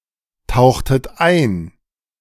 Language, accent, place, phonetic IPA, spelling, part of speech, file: German, Germany, Berlin, [ˌtaʊ̯xtət ˈaɪ̯n], tauchtet ein, verb, De-tauchtet ein.ogg
- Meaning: inflection of eintauchen: 1. second-person plural preterite 2. second-person plural subjunctive II